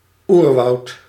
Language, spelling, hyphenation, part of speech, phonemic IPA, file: Dutch, oerwoud, oer‧woud, noun, /ˈur.ʋɑu̯t/, Nl-oerwoud.ogg
- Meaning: 1. jungle (primeval forest in tropic regions) 2. primeval or virgin forest